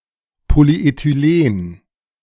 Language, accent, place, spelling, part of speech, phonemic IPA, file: German, Germany, Berlin, Polyethylen, noun, /ˌpoːliˌeːtyˈleːn/, De-Polyethylen.ogg
- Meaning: polythene/polyethylene